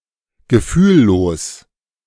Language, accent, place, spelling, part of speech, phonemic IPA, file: German, Germany, Berlin, gefühllos, adjective, /ɡəˈfyːˌloːs/, De-gefühllos.ogg
- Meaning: 1. callous, insensitive 2. numb 3. impassive